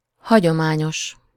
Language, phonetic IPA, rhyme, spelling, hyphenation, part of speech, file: Hungarian, [ˈhɒɟomaːɲoʃ], -oʃ, hagyományos, ha‧gyo‧má‧nyos, adjective, Hu-hagyományos.ogg
- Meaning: traditional